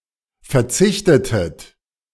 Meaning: inflection of verzichten: 1. second-person plural preterite 2. second-person plural subjunctive II
- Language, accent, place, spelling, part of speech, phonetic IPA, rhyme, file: German, Germany, Berlin, verzichtetet, verb, [fɛɐ̯ˈt͡sɪçtətət], -ɪçtətət, De-verzichtetet.ogg